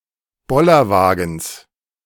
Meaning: genitive singular of Bollerwagen
- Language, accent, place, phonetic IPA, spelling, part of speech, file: German, Germany, Berlin, [ˈbɔlɐˌvaːɡn̩s], Bollerwagens, noun, De-Bollerwagens.ogg